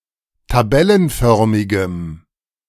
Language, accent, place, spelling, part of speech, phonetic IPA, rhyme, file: German, Germany, Berlin, tabellenförmigem, adjective, [taˈbɛlənˌfœʁmɪɡəm], -ɛlənfœʁmɪɡəm, De-tabellenförmigem.ogg
- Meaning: strong dative masculine/neuter singular of tabellenförmig